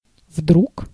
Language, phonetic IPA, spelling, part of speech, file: Russian, [vdruk], вдруг, adverb, Ru-вдруг.ogg
- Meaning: 1. suddenly, all of a sudden 2. what if, in case